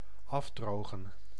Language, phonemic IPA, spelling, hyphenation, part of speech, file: Dutch, /ˈɑfdroːɣə(n)/, afdrogen, af‧dro‧gen, verb, Nl-afdrogen.ogg
- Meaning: 1. to dry off, particularly with a towel 2. to defeat overwhelmingly 3. to beat up